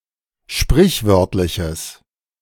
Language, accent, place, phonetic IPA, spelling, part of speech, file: German, Germany, Berlin, [ˈʃpʁɪçˌvœʁtlɪçəs], sprichwörtliches, adjective, De-sprichwörtliches.ogg
- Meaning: strong/mixed nominative/accusative neuter singular of sprichwörtlich